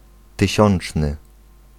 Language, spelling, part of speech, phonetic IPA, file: Polish, tysiączny, adjective, [tɨˈɕɔ̃n͇t͡ʃnɨ], Pl-tysiączny.ogg